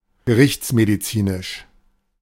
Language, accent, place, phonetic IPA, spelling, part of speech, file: German, Germany, Berlin, [ɡəˈʁɪçt͡smediˌt͡siːnɪʃ], gerichtsmedizinisch, adjective, De-gerichtsmedizinisch.ogg
- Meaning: forensic